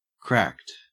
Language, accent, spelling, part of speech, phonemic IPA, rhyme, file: English, Australia, cracked, adjective / verb, /kɹækt/, -ækt, En-au-cracked.ogg
- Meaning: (adjective) 1. Broken so that cracks appear on, or under, the surface 2. Broken into coarse pieces 3. Harsh or dissonant 4. Slightly open 5. Pirated (obtained/downloaded without paying)